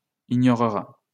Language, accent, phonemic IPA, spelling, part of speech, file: French, France, /i.ɲɔ.ʁə.ʁa/, ignorera, verb, LL-Q150 (fra)-ignorera.wav
- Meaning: third-person singular future of ignorer